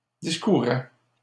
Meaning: third-person singular imperfect indicative of discourir
- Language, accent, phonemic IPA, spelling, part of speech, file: French, Canada, /dis.ku.ʁɛ/, discourait, verb, LL-Q150 (fra)-discourait.wav